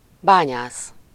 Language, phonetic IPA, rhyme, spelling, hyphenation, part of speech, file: Hungarian, [ˈbaːɲaːs], -aːs, bányász, bá‧nyász, noun, Hu-bányász.ogg
- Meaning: miner